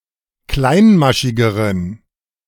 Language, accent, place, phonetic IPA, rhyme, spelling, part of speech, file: German, Germany, Berlin, [ˈklaɪ̯nˌmaʃɪɡəʁən], -aɪ̯nmaʃɪɡəʁən, kleinmaschigeren, adjective, De-kleinmaschigeren.ogg
- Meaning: inflection of kleinmaschig: 1. strong genitive masculine/neuter singular comparative degree 2. weak/mixed genitive/dative all-gender singular comparative degree